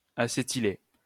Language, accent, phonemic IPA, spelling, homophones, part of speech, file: French, France, /a.se.ti.le/, acétyler, acétylai / acétylé / acétylée / acétylées / acétylés / acétylez, verb, LL-Q150 (fra)-acétyler.wav
- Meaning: to acetylate